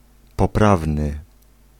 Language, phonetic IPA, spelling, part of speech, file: Polish, [pɔˈpravnɨ], poprawny, adjective, Pl-poprawny.ogg